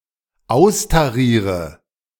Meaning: inflection of austarieren: 1. first-person singular dependent present 2. first/third-person singular dependent subjunctive I
- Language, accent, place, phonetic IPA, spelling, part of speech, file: German, Germany, Berlin, [ˈaʊ̯staˌʁiːʁə], austariere, verb, De-austariere.ogg